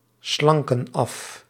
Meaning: inflection of afslanken: 1. plural present indicative 2. plural present subjunctive
- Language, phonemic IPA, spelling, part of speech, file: Dutch, /ˈslɑŋkə(n) ˈɑf/, slanken af, verb, Nl-slanken af.ogg